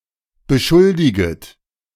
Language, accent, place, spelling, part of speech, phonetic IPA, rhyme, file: German, Germany, Berlin, beschuldiget, verb, [bəˈʃʊldɪɡət], -ʊldɪɡət, De-beschuldiget.ogg
- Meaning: second-person plural subjunctive I of beschuldigen